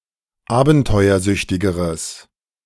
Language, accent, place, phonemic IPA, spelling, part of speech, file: German, Germany, Berlin, /ˈaːbn̩tɔɪ̯ɐˌzʏçtɪɡəʁəs/, abenteuersüchtigeres, adjective, De-abenteuersüchtigeres.ogg
- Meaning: strong/mixed nominative/accusative neuter singular comparative degree of abenteuersüchtig